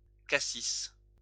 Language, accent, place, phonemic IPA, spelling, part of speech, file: French, France, Lyon, /ka.sis/, cassis, noun, LL-Q150 (fra)-cassis.wav
- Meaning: 1. blackcurrant (fruit) 2. the shrub of this fruit 3. liqueur made with this fruit; crème de cassis 4. head